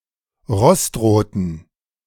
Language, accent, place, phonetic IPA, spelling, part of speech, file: German, Germany, Berlin, [ˈʁɔstˌʁoːtn̩], rostroten, adjective, De-rostroten.ogg
- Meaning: inflection of rostrot: 1. strong genitive masculine/neuter singular 2. weak/mixed genitive/dative all-gender singular 3. strong/weak/mixed accusative masculine singular 4. strong dative plural